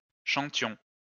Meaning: inflection of chanter: 1. first-person plural imperfect indicative 2. first-person plural present subjunctive
- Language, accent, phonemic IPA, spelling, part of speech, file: French, France, /ʃɑ̃.tjɔ̃/, chantions, verb, LL-Q150 (fra)-chantions.wav